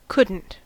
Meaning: Could not (negative auxiliary)
- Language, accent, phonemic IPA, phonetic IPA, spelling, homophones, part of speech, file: English, US, /ˈkʊd.n̩t/, [ˈkʊɾ.n̩ʔ], couldn't, cunt, verb, En-us-couldn't.ogg